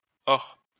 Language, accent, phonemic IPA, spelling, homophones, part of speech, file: French, France, /ɔʁ/, ors, hors / or / ore / ores, noun, LL-Q150 (fra)-ors.wav
- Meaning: plural of or